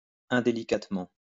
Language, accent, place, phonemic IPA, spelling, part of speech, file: French, France, Lyon, /ɛ̃.de.li.kat.mɑ̃/, indélicatement, adverb, LL-Q150 (fra)-indélicatement.wav
- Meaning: indelicately